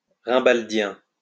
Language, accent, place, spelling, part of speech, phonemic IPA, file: French, France, Lyon, rimbaldien, adjective, /ʁɛ̃.bal.djɛ̃/, LL-Q150 (fra)-rimbaldien.wav
- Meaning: Rimbaldian